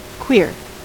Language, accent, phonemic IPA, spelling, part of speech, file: English, US, /kwɪɹ/, queer, adjective / noun / verb / adverb, En-us-queer.ogg
- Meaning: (adjective) 1. Homosexual 2. Non-heterosexual or non-cisgender: homosexual, bisexual, asexual, transgender, etc